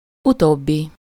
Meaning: latter
- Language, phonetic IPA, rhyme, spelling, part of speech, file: Hungarian, [ˈutoːbːi], -bi, utóbbi, adjective, Hu-utóbbi.ogg